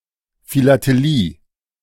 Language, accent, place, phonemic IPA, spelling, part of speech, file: German, Germany, Berlin, /filateˈliː/, Philatelie, noun, De-Philatelie.ogg
- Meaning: philately (stamp collecting)